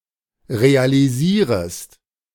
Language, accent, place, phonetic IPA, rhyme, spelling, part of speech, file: German, Germany, Berlin, [ʁealiˈziːʁəst], -iːʁəst, realisierest, verb, De-realisierest.ogg
- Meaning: second-person singular subjunctive I of realisieren